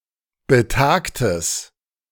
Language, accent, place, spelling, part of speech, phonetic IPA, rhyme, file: German, Germany, Berlin, betagtes, adjective, [bəˈtaːktəs], -aːktəs, De-betagtes.ogg
- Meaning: strong/mixed nominative/accusative neuter singular of betagt